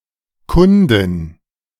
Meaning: female equivalent of Kunde
- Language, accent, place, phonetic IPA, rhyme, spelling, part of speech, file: German, Germany, Berlin, [ˈkʊndɪn], -ʊndɪn, Kundin, noun, De-Kundin.ogg